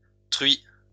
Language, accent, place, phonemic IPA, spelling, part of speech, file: French, France, Lyon, /tʁɥi/, truies, noun, LL-Q150 (fra)-truies.wav
- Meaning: plural of truie